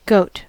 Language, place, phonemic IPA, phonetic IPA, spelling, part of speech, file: English, California, /ɡoʊt/, [ɡoʊʔt̚], goat, noun / verb, En-us-goat.ogg
- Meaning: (noun) 1. Any ruminant of the genus Capra 2. Any ruminant of the genus Capra.: The meat of these animals 3. A lecherous man 4. A scapegoat 5. A Pontiac GTO car